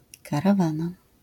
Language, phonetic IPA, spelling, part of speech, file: Polish, [ˌkaraˈvãna], karawana, noun, LL-Q809 (pol)-karawana.wav